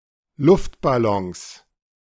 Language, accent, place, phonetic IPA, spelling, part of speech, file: German, Germany, Berlin, [ˈlʊftbaˌlɔŋs], Luftballons, noun, De-Luftballons.ogg
- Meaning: 1. genitive singular of Luftballon 2. plural of Luftballon